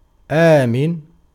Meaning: 1. safe, secure 2. trustworthy
- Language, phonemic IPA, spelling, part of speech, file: Arabic, /ʔaː.min/, آمن, adjective, Ar-آمن.ogg